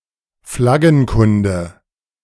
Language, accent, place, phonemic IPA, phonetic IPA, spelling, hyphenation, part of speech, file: German, Germany, Berlin, /ˈflaɡənˌkʊndə/, [ˈflaɡn̩ˌkʊndə], Flaggenkunde, Flag‧gen‧kun‧de, noun, De-Flaggenkunde.ogg
- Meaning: vexillology